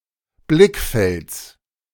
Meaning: genitive singular of Blickfeld
- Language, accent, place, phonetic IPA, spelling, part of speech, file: German, Germany, Berlin, [ˈblɪkˌfɛlt͡s], Blickfelds, noun, De-Blickfelds.ogg